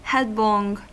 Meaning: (adverb) 1. With the head first or down 2. With an unrestrained forward motion 3. Rashly; precipitately; without deliberation; in haste, hastily; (adjective) Precipitous
- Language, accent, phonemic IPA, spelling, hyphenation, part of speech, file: English, US, /ˈhɛd.lɔŋ/, headlong, head‧long, adverb / adjective / verb, En-us-headlong.ogg